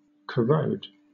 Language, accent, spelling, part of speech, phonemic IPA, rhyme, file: English, Southern England, corrode, verb, /kəˈɹəʊd/, -əʊd, LL-Q1860 (eng)-corrode.wav
- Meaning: To eat away bit by bit; to wear away or diminish by gradually separating or destroying small particles of, as by action of a strong acid or a caustic alkali